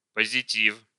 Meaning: 1. positive 2. positive, positive information, feedback or mood
- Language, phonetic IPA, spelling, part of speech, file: Russian, [pəzʲɪˈtʲif], позитив, noun, Ru-позитив.ogg